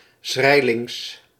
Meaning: astride
- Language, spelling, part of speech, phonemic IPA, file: Dutch, schrijlings, adverb / adjective, /ˈsxrɛilɪŋs/, Nl-schrijlings.ogg